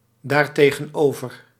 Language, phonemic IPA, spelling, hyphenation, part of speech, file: Dutch, /ˌdaːr.teː.ɣə(n)ˈoː.vər/, daartegenover, daar‧te‧gen‧over, adverb, Nl-daartegenover.ogg
- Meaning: pronominal adverb form of tegenover + dat